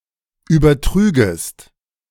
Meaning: second-person singular subjunctive II of übertragen
- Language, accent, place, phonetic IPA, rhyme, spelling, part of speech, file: German, Germany, Berlin, [ˌyːbɐˈtʁyːɡəst], -yːɡəst, übertrügest, verb, De-übertrügest.ogg